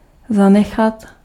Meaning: 1. to stop, to quit (an activity) 2. to leave, to bequeath
- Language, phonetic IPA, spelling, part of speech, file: Czech, [ˈzanɛxat], zanechat, verb, Cs-zanechat.ogg